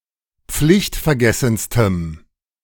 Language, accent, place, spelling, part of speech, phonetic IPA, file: German, Germany, Berlin, pflichtvergessenstem, adjective, [ˈp͡flɪçtfɛɐ̯ˌɡɛsn̩stəm], De-pflichtvergessenstem.ogg
- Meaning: strong dative masculine/neuter singular superlative degree of pflichtvergessen